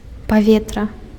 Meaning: air
- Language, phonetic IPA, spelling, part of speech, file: Belarusian, [paˈvʲetra], паветра, noun, Be-паветра.ogg